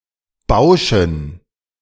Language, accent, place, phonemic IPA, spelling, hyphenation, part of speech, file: German, Germany, Berlin, /ˈbaʊ̯ʃn̩/, bauschen, bau‧schen, verb, De-bauschen.ogg
- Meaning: to billow